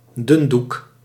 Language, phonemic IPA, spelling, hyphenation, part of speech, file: Dutch, /ˈdʏn.duk/, dundoek, dun‧doek, noun, Nl-dundoek.ogg
- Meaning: 1. the type of cloth from which flags are made 2. flag, banner 3. very thin, fine cloth of any kind